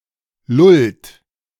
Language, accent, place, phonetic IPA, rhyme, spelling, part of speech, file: German, Germany, Berlin, [lʊlt], -ʊlt, lullt, verb, De-lullt.ogg
- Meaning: inflection of lullen: 1. third-person singular present 2. second-person plural present 3. plural imperative